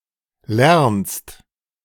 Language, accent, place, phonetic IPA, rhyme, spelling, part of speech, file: German, Germany, Berlin, [lɛʁnst], -ɛʁnst, lernst, verb, De-lernst.ogg
- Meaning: second-person singular present of lernen